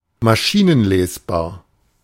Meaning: machine-readable
- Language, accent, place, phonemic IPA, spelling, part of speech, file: German, Germany, Berlin, /maˈʃiːnənˌleːsbaːɐ̯/, maschinenlesbar, adjective, De-maschinenlesbar.ogg